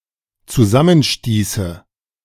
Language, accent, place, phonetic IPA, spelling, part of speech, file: German, Germany, Berlin, [t͡suˈzamənˌʃtiːsə], zusammenstieße, verb, De-zusammenstieße.ogg
- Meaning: first/third-person singular dependent subjunctive II of zusammenstoßen